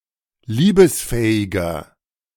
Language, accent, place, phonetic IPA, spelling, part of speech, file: German, Germany, Berlin, [ˈliːbəsˌfɛːɪɡɐ], liebesfähiger, adjective, De-liebesfähiger.ogg
- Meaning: 1. comparative degree of liebesfähig 2. inflection of liebesfähig: strong/mixed nominative masculine singular 3. inflection of liebesfähig: strong genitive/dative feminine singular